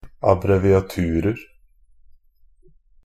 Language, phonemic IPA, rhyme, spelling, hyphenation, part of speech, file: Norwegian Bokmål, /abrɛʋɪaˈtʉːrər/, -ər, abbreviaturer, ab‧bre‧vi‧a‧tu‧rer, noun, NB - Pronunciation of Norwegian Bokmål «abbreviaturer».ogg
- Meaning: indefinite plural of abbreviatur